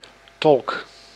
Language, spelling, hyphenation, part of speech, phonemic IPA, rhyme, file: Dutch, tolk, tolk, noun, /tɔlk/, -ɔlk, Nl-tolk.ogg
- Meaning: 1. an interpreter, one who translates/interprets speech in another language and vice versa 2. any content interpreter, who explains 3. a spokesperson